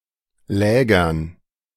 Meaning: dative plural of Lager
- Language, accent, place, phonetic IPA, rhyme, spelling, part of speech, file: German, Germany, Berlin, [ˈlɛːɡɐn], -ɛːɡɐn, Lägern, noun, De-Lägern.ogg